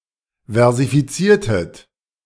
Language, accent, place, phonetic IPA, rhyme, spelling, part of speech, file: German, Germany, Berlin, [vɛʁzifiˈt͡siːɐ̯tət], -iːɐ̯tət, versifiziertet, verb, De-versifiziertet.ogg
- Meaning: inflection of versifizieren: 1. second-person plural preterite 2. second-person plural subjunctive II